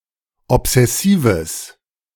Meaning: strong/mixed nominative/accusative neuter singular of obsessiv
- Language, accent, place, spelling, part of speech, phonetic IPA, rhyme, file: German, Germany, Berlin, obsessives, adjective, [ɔpz̥ɛˈsiːvəs], -iːvəs, De-obsessives.ogg